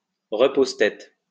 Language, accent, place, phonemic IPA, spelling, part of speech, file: French, France, Lyon, /ʁə.poz.tɛt/, repose-tête, noun, LL-Q150 (fra)-repose-tête.wav
- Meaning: headrest